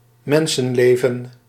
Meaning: a human life
- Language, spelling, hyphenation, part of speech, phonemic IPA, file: Dutch, mensenleven, men‧sen‧le‧ven, noun, /ˈmɛn.sə(n)ˌleː.və(n)/, Nl-mensenleven.ogg